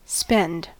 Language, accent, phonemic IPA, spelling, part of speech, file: English, US, /spɪnd/, spend, verb / noun, En-us-spend.ogg
- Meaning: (verb) 1. To pay out (money) 2. To bestow; to employ; often with on or upon 3. To squander 4. To exhaust, to wear out 5. To consume, to use up (time) 6. To have an orgasm; to ejaculate sexually